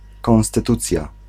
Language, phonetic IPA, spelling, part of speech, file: Polish, [ˌkɔ̃w̃stɨˈtut͡sʲja], konstytucja, noun, Pl-konstytucja.ogg